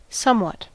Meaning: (adverb) 1. To a limited extent or degree; not completely 2. Very; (pronoun) Something; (noun) A certain quantity or degree; a part, more or less; something
- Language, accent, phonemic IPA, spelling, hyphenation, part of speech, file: English, General American, /ˈsʌmwʌt/, somewhat, some‧what, adverb / pronoun / noun, En-us-somewhat.ogg